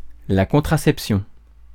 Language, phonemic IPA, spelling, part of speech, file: French, /kɔ̃.tʁa.sɛp.sjɔ̃/, contraception, noun, Fr-contraception.ogg
- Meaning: contraception